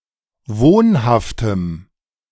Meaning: strong dative masculine/neuter singular of wohnhaft
- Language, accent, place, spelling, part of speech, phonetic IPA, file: German, Germany, Berlin, wohnhaftem, adjective, [ˈvoːnhaftəm], De-wohnhaftem.ogg